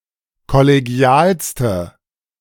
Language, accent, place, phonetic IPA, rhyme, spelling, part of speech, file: German, Germany, Berlin, [kɔleˈɡi̯aːlstə], -aːlstə, kollegialste, adjective, De-kollegialste.ogg
- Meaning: inflection of kollegial: 1. strong/mixed nominative/accusative feminine singular superlative degree 2. strong nominative/accusative plural superlative degree